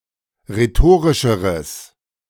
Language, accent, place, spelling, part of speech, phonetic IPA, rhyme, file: German, Germany, Berlin, rhetorischeres, adjective, [ʁeˈtoːʁɪʃəʁəs], -oːʁɪʃəʁəs, De-rhetorischeres.ogg
- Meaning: strong/mixed nominative/accusative neuter singular comparative degree of rhetorisch